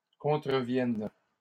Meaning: third-person plural present indicative/subjunctive of contrevenir
- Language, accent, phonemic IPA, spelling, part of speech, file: French, Canada, /kɔ̃.tʁə.vjɛn/, contreviennent, verb, LL-Q150 (fra)-contreviennent.wav